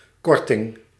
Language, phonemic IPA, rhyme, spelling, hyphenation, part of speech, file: Dutch, /ˈkɔr.tɪŋ/, -ɔrtɪŋ, korting, kor‧ting, noun, Nl-korting.ogg
- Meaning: discount